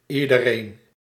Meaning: everyone
- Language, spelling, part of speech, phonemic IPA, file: Dutch, iedereen, pronoun, /i.də.ˈreːn/, Nl-iedereen.ogg